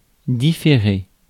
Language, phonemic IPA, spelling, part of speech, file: French, /di.fe.ʁe/, différer, verb, Fr-différer.ogg
- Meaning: 1. to differ 2. to defer